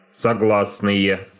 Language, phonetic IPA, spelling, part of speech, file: Russian, [sɐˈɡɫasnɨje], согласные, noun, Ru-согласные.ogg
- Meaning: 1. nominative/accusative plural of согла́сный (soglásnyj) 2. nominative/accusative plural of согла́сная (soglásnaja)